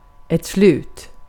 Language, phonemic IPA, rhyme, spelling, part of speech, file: Swedish, /slʉːt/, -ʉːt, slut, adjective / noun / verb, Sv-slut.ogg
- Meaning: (adjective) 1. over, finished; which has come to an end 2. gone, no more; of which the last has been taken 3. exhausted; very tired; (noun) end; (verb) imperative of sluta